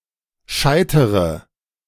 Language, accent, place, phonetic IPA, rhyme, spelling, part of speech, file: German, Germany, Berlin, [ˈʃaɪ̯təʁə], -aɪ̯təʁə, scheitere, verb, De-scheitere.ogg
- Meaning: inflection of scheitern: 1. first-person singular present 2. first/third-person singular subjunctive I 3. singular imperative